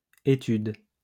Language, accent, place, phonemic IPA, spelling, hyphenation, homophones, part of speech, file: French, France, Lyon, /e.tyd/, études, é‧tudes, étude, noun, LL-Q150 (fra)-études.wav
- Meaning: plural of étude